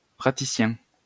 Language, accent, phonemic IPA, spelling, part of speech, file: French, France, /pʁa.ti.sjɛ̃/, praticien, noun, LL-Q150 (fra)-praticien.wav
- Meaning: practitioner, someone who masters the practice of an art or science